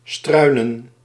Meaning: 1. to tramp, to roam 2. to nose about, to rummage
- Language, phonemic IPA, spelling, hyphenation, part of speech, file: Dutch, /ˈstrœy̯.nə(n)/, struinen, strui‧nen, verb, Nl-struinen.ogg